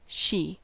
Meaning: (pronoun) 1. The female (typically) person or animal previously mentioned or implied 2. A ship or boat 3. A country, or sometimes a city, province, planet, etc
- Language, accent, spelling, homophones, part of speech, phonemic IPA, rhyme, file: English, US, she, sidhe / Xi / shee, pronoun / noun / verb / determiner, /ʃi/, -iː, En-us-she.ogg